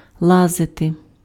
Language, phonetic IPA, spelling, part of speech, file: Ukrainian, [ˈɫazete], лазити, verb, Uk-лазити.ogg
- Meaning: 1. to climb (up, on to), to scramble 2. to clamber, to crawl, to scramble (through, into, under) 3. to get (into); to thrust the hand (into)